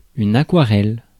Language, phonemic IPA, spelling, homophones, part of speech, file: French, /a.kwa.ʁɛl/, aquarelle, aquarellent / aquarelles, noun / verb, Fr-aquarelle.ogg
- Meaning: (noun) aquarelle, watercolour; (verb) inflection of aquareller: 1. first/third-person singular present indicative/subjunctive 2. second-person singular imperative